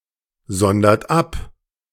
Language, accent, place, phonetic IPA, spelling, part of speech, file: German, Germany, Berlin, [ˌzɔndɐt ˈap], sondert ab, verb, De-sondert ab.ogg
- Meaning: inflection of absondern: 1. third-person singular present 2. second-person plural present 3. plural imperative